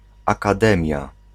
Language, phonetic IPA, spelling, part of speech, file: Polish, [ˌakaˈdɛ̃mʲja], akademia, noun, Pl-akademia.ogg